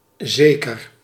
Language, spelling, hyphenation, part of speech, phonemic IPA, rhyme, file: Dutch, zeker, ze‧ker, adjective / adverb, /ˈzeː.kər/, -eːkər, Nl-zeker.ogg
- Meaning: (adjective) 1. certain, sure 2. confident, secure 3. confirmed; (adverb) 1. certainly, surely 2. particularly, especially 3. at least